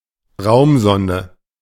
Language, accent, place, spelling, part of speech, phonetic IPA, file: German, Germany, Berlin, Raumsonde, noun, [ˈʁaʊ̯mˌzɔndə], De-Raumsonde.ogg
- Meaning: space probe